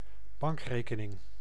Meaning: a bank account
- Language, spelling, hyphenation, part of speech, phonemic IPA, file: Dutch, bankrekening, bank‧re‧ke‧ning, noun, /ˈbɑŋk.reː.kəˌnɪŋ/, Nl-bankrekening.ogg